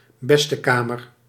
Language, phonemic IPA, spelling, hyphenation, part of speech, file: Dutch, /ˌbɛs.təˈkaː.mər/, bestekamer, bes‧te‧ka‧mer, noun, Nl-bestekamer.ogg
- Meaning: 1. the best parlour in a home, in the old days only used on Sundays and holidays 2. the best room in a house 3. toilet, bathroom